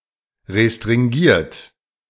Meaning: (verb) past participle of restringieren; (adjective) restricted
- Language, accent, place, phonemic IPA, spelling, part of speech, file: German, Germany, Berlin, /ʁestʁɪŋˈɡiːɐ̯t/, restringiert, verb / adjective, De-restringiert.ogg